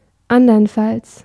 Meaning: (adverb) alternative form of andernfalls
- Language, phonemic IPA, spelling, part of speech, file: German, /ˈandəʁənˌfals/, anderenfalls, adverb / conjunction, De-anderenfalls.ogg